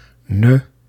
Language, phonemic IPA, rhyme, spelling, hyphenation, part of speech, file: Dutch, /nə/, -ə, ne, ne, article, Nl-ne.ogg
- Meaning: a, an